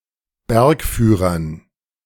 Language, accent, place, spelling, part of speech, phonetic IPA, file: German, Germany, Berlin, Bergführern, noun, [ˈbɛʁkˌfyːʁɐn], De-Bergführern.ogg
- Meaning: dative plural of Bergführer